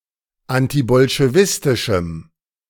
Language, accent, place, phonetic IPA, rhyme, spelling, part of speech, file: German, Germany, Berlin, [ˌantibɔlʃeˈvɪstɪʃm̩], -ɪstɪʃm̩, antibolschewistischem, adjective, De-antibolschewistischem.ogg
- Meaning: strong dative masculine/neuter singular of antibolschewistisch